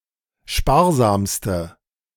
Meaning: inflection of sparsam: 1. strong/mixed nominative/accusative feminine singular superlative degree 2. strong nominative/accusative plural superlative degree
- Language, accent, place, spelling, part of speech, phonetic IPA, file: German, Germany, Berlin, sparsamste, adjective, [ˈʃpaːɐ̯ˌzaːmstə], De-sparsamste.ogg